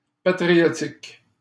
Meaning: patriotic
- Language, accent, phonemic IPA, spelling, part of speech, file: French, Canada, /pa.tʁi.jɔ.tik/, patriotique, adjective, LL-Q150 (fra)-patriotique.wav